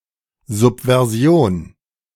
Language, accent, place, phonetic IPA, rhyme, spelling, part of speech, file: German, Germany, Berlin, [ˌzʊpvɛʁˈzi̯oːn], -oːn, Subversion, noun, De-Subversion.ogg
- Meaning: subversion